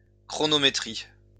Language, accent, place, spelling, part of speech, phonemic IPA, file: French, France, Lyon, chronométrie, noun, /kʁɔ.nɔ.me.tʁi/, LL-Q150 (fra)-chronométrie.wav
- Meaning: chronometry